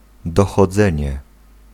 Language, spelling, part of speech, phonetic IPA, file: Polish, dochodzenie, noun, [ˌdɔxɔˈd͡zɛ̃ɲɛ], Pl-dochodzenie.ogg